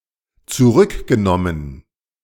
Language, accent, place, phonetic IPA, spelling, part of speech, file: German, Germany, Berlin, [t͡suˈʁʏkɡəˌnɔmən], zurückgenommen, verb, De-zurückgenommen.ogg
- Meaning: past participle of zurücknehmen